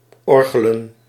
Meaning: to play the organ
- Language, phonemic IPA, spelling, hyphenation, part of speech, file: Dutch, /ˈɔr.ɣə.lə(n)/, orgelen, or‧ge‧len, verb, Nl-orgelen.ogg